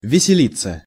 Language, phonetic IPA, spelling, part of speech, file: Russian, [vʲɪsʲɪˈlʲit͡sːə], веселиться, verb, Ru-веселиться.ogg
- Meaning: 1. to have fun, to rejoice 2. passive of весели́ть (veselítʹ)